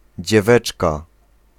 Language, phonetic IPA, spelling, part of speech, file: Polish, [d͡ʑɛˈvɛt͡ʃka], dzieweczka, noun, Pl-dzieweczka.ogg